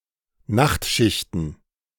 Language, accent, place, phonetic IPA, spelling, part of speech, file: German, Germany, Berlin, [ˈnaxtˌʃɪçtn̩], Nachtschichten, noun, De-Nachtschichten.ogg
- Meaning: plural of Nachtschicht